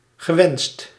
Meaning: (adjective) wished for, desired; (verb) past participle of wensen
- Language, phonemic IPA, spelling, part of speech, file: Dutch, /ɣəˈwɛnst/, gewenst, verb / adjective, Nl-gewenst.ogg